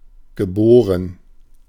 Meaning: past participle of gebären
- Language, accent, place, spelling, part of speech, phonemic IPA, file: German, Germany, Berlin, geboren, verb, /ɡəˈboːʁən/, De-geboren.ogg